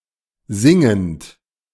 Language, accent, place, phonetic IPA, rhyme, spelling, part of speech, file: German, Germany, Berlin, [ˈzɪŋənt], -ɪŋənt, singend, verb, De-singend.ogg
- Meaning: present participle of singen